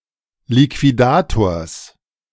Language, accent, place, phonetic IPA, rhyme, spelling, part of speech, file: German, Germany, Berlin, [likviˈdaːtoːɐ̯s], -aːtoːɐ̯s, Liquidators, noun, De-Liquidators.ogg
- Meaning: genitive singular of Liquidator